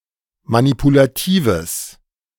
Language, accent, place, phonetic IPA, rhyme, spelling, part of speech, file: German, Germany, Berlin, [manipulaˈtiːvəs], -iːvəs, manipulatives, adjective, De-manipulatives.ogg
- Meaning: strong/mixed nominative/accusative neuter singular of manipulativ